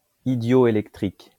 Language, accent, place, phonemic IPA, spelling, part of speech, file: French, France, Lyon, /i.djɔ.e.lɛk.tʁik/, idioélectrique, adjective, LL-Q150 (fra)-idioélectrique.wav
- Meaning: idioelectric